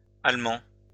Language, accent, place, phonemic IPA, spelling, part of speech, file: French, France, Lyon, /al.mɑ̃/, allemands, adjective, LL-Q150 (fra)-allemands.wav
- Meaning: masculine plural of allemand